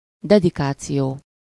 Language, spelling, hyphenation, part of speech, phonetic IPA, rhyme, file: Hungarian, dedikáció, de‧di‧ká‧ció, noun, [ˈdɛdikaːt͡sijoː], -joː, Hu-dedikáció.ogg
- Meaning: dedication (the act of addressing or inscribing [a literary work, for example] to another as a mark of respect or affection)